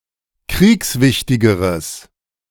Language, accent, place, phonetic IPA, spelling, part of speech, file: German, Germany, Berlin, [ˈkʁiːksˌvɪçtɪɡəʁəs], kriegswichtigeres, adjective, De-kriegswichtigeres.ogg
- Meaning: strong/mixed nominative/accusative neuter singular comparative degree of kriegswichtig